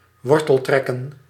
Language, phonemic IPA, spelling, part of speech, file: Dutch, /ˈwɔrtəlˌtrɛkə(n)/, worteltrekken, verb, Nl-worteltrekken.ogg
- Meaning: to find a root